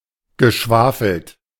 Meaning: past participle of schwafeln
- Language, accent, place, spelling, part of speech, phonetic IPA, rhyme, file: German, Germany, Berlin, geschwafelt, verb, [ɡəˈʃvaːfl̩t], -aːfl̩t, De-geschwafelt.ogg